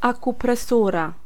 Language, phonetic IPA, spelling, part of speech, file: Polish, [ˌakuprɛˈsura], akupresura, noun, Pl-akupresura.ogg